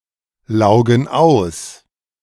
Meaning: inflection of auslaugen: 1. first/third-person plural present 2. first/third-person plural subjunctive I
- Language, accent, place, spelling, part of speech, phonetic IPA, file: German, Germany, Berlin, laugen aus, verb, [ˌlaʊ̯ɡn̩ ˈaʊ̯s], De-laugen aus.ogg